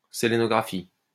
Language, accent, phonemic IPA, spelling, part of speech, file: French, France, /se.le.nɔ.ɡʁa.fi/, sélénographie, noun, LL-Q150 (fra)-sélénographie.wav
- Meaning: selenography